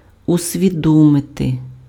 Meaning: to realize (become aware of)
- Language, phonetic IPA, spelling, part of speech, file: Ukrainian, [ʊsʲʋʲiˈdɔmete], усвідомити, verb, Uk-усвідомити.ogg